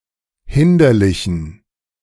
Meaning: inflection of hinderlich: 1. strong genitive masculine/neuter singular 2. weak/mixed genitive/dative all-gender singular 3. strong/weak/mixed accusative masculine singular 4. strong dative plural
- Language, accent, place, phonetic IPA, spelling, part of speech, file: German, Germany, Berlin, [ˈhɪndɐlɪçn̩], hinderlichen, adjective, De-hinderlichen.ogg